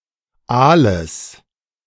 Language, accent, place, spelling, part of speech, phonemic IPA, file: German, Germany, Berlin, Aales, noun, /ˈʔaːləs/, De-Aales.ogg
- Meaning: genitive singular of Aal